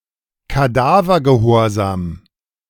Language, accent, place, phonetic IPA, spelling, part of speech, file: German, Germany, Berlin, [kaˈdaːvɐɡəˌhoːɐ̯zaːm], Kadavergehorsam, noun, De-Kadavergehorsam.ogg
- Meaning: blind obedience, fanatical or excessive loyalty